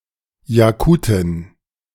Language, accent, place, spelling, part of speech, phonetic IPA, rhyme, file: German, Germany, Berlin, Jakutin, noun, [jaˈkuːtɪn], -uːtɪn, De-Jakutin.ogg
- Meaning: Yakut (woman from Yakutia or of Yakut origin)